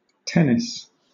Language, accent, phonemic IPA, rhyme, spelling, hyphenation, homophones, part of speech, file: English, Southern England, /ˈtɛnɪs/, -ɛnɪs, tennis, ten‧nis, tenness, noun / verb, LL-Q1860 (eng)-tennis.wav
- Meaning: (noun) 1. A sport played by two players (or four in doubles), who alternately strike the ball over a net using racquets 2. A match in this sport